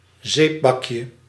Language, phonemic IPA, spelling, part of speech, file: Dutch, /ˈzebɑkjə/, zeepbakje, noun, Nl-zeepbakje.ogg
- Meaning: diminutive of zeepbak